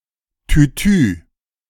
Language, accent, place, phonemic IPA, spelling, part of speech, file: German, Germany, Berlin, /tyˈtyː/, Tutu, noun, De-Tutu.ogg
- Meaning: tutu (ballet skirt)